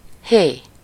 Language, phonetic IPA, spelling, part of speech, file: Hungarian, [ˈheː], hé, interjection / noun, Hu-hé.ogg
- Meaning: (interjection) hey (grabbing the attention of someone, possibly with the intent of warning); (noun) he (the fifth Hebrew letter)